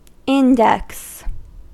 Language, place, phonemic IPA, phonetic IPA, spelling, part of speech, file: English, California, /ˈɪndɛks/, [ˈɪndæks], index, noun / verb, En-us-index.ogg
- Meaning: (noun) 1. An alphabetical listing of items and their location 2. The index finger; the forefinger 3. A movable finger on a gauge, scale, etc